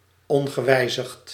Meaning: unaltered
- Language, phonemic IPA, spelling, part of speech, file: Dutch, /ˈɔŋɣəˌwɛizixt/, ongewijzigd, adjective, Nl-ongewijzigd.ogg